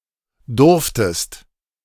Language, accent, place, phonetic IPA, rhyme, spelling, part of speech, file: German, Germany, Berlin, [ˈdʊʁftəst], -ʊʁftəst, durftest, verb, De-durftest.ogg
- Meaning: second-person singular preterite of dürfen